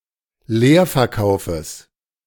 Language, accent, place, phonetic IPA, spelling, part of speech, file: German, Germany, Berlin, [ˈleːɐ̯fɛɐ̯ˌkaʊ̯fəs], Leerverkaufes, noun, De-Leerverkaufes.ogg
- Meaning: genitive singular of Leerverkauf